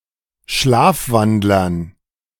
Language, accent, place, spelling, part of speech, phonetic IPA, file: German, Germany, Berlin, Schlafwandlern, noun, [ˈʃlaːfˌvandlɐn], De-Schlafwandlern.ogg
- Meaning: dative plural of Schlafwandler